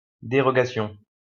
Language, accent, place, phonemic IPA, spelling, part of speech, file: French, France, Lyon, /de.ʁɔ.ɡa.sjɔ̃/, dérogation, noun, LL-Q150 (fra)-dérogation.wav
- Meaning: 1. dispensation 2. derogation, exemption